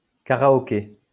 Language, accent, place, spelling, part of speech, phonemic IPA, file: French, France, Lyon, karaoké, noun, /ka.ʁa.ɔ.ke/, LL-Q150 (fra)-karaoké.wav
- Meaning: karaoke